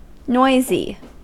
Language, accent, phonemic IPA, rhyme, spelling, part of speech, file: English, US, /ˈnɔɪzi/, -ɔɪzi, noisy, adjective, En-us-noisy.ogg
- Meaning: 1. Making a noise, especially a loud unpleasant sound 2. Full of noise 3. Unpleasant-looking and causing unwanted attention